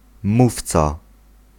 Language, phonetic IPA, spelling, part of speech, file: Polish, [ˈmuft͡sa], mówca, noun, Pl-mówca.ogg